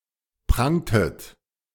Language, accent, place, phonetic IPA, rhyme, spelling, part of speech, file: German, Germany, Berlin, [ˈpʁaŋtət], -aŋtət, prangtet, verb, De-prangtet.ogg
- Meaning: inflection of prangen: 1. second-person plural preterite 2. second-person plural subjunctive II